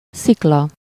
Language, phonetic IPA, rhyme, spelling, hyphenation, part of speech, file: Hungarian, [ˈsiklɒ], -lɒ, szikla, szik‧la, noun, Hu-szikla.ogg
- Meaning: rock, cliff, boulder